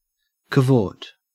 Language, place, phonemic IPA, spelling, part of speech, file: English, Queensland, /kəˈvoːt/, cavort, verb, En-au-cavort.ogg
- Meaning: 1. To prance, frolic, gambol 2. To move about carelessly, playfully or boisterously 3. To engage in extravagant pursuits, especially of a sexual nature